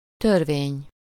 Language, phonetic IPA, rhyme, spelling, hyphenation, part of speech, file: Hungarian, [ˈtørveːɲ], -eːɲ, törvény, tör‧vény, noun, Hu-törvény.ogg
- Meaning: 1. law (a binding regulation or custom established in a community) 2. law (a rule, principle, or statement of relation) 3. act, statute (written law, as laid down by the legislature)